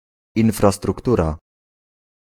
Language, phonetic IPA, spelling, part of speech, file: Polish, [ˌĩnfrastrukˈtura], infrastruktura, noun, Pl-infrastruktura.ogg